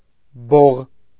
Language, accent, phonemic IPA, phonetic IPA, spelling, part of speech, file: Armenian, Eastern Armenian, /boʁ/, [boʁ], բող, noun, Hy-բող.ogg
- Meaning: 1. alternative form of բոխի (boxi) 2. alternative form of բողկ (boġk)